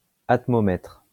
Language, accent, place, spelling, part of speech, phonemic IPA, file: French, France, Lyon, atmomètre, noun, /at.mɔ.mɛtʁ/, LL-Q150 (fra)-atmomètre.wav
- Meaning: atmometer, evaporimeter